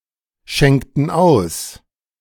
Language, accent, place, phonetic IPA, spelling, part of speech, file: German, Germany, Berlin, [ˌʃɛŋktn̩ ˈaʊ̯s], schenkten aus, verb, De-schenkten aus.ogg
- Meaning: inflection of ausschenken: 1. first/third-person plural preterite 2. first/third-person plural subjunctive II